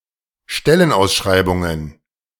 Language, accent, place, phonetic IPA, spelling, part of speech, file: German, Germany, Berlin, [ˈʃtɛlənˌʔaʊ̯sʃʁaɪ̯bʊŋən], Stellenausschreibungen, noun, De-Stellenausschreibungen.ogg
- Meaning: plural of Stellenausschreibung